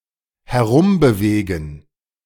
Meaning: to move around
- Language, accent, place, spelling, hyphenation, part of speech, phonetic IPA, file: German, Germany, Berlin, herumbewegen, her‧um‧be‧we‧gen, verb, [hɛˈʁʊmbəˌveːɡn̩], De-herumbewegen.ogg